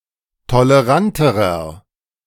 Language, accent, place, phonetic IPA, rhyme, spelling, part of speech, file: German, Germany, Berlin, [toləˈʁantəʁɐ], -antəʁɐ, toleranterer, adjective, De-toleranterer.ogg
- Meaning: inflection of tolerant: 1. strong/mixed nominative masculine singular comparative degree 2. strong genitive/dative feminine singular comparative degree 3. strong genitive plural comparative degree